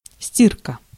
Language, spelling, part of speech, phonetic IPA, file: Russian, стирка, noun, [ˈsʲtʲirkə], Ru-стирка.ogg
- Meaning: laundry (laundering; washing)